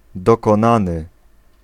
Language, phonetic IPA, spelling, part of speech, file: Polish, [ˌdɔkɔ̃ˈnãnɨ], dokonany, adjective / verb, Pl-dokonany.ogg